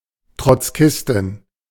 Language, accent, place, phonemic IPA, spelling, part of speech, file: German, Germany, Berlin, /tʁɔtsˈkɪstɪn/, Trotzkistin, noun, De-Trotzkistin.ogg
- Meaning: female Trotskyist